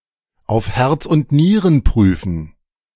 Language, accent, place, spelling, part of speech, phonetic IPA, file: German, Germany, Berlin, auf Herz und Nieren prüfen, phrase, [aʊ̯f hɛʁt͡s ʊnt ˈniːʁən ˈpʁyːfn̩], De-auf Herz und Nieren prüfen.ogg
- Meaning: to investigate something thoroughly